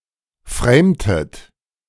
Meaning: inflection of framen: 1. second-person plural preterite 2. second-person plural subjunctive II
- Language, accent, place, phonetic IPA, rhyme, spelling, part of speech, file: German, Germany, Berlin, [ˈfʁeːmtət], -eːmtət, framtet, verb, De-framtet.ogg